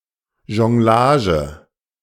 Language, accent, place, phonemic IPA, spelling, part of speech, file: German, Germany, Berlin, /ʒɔŋˈlaːʒə/, Jonglage, noun, De-Jonglage.ogg
- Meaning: juggling